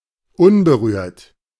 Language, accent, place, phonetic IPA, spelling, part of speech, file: German, Germany, Berlin, [ˈʊnbəˌʁyːɐ̯t], unberührt, adjective, De-unberührt.ogg
- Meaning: untouched, pristine